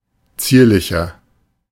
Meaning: 1. comparative degree of zierlich 2. inflection of zierlich: strong/mixed nominative masculine singular 3. inflection of zierlich: strong genitive/dative feminine singular
- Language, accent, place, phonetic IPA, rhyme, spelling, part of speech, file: German, Germany, Berlin, [ˈt͡siːɐ̯lɪçɐ], -iːɐ̯lɪçɐ, zierlicher, adjective, De-zierlicher.ogg